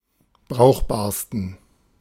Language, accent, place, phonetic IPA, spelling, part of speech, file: German, Germany, Berlin, [ˈbʁaʊ̯xbaːɐ̯stn̩], brauchbarsten, adjective, De-brauchbarsten.ogg
- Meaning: 1. superlative degree of brauchbar 2. inflection of brauchbar: strong genitive masculine/neuter singular superlative degree